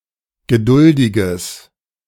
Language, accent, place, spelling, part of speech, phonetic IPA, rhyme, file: German, Germany, Berlin, geduldiges, adjective, [ɡəˈdʊldɪɡəs], -ʊldɪɡəs, De-geduldiges.ogg
- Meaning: strong/mixed nominative/accusative neuter singular of geduldig